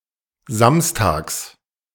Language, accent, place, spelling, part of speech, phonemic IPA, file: German, Germany, Berlin, samstags, adverb, /ˈzamsˌtaːks/, De-samstags.ogg
- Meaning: 1. on Saturdays, every Saturday 2. on (the next or last) Saturday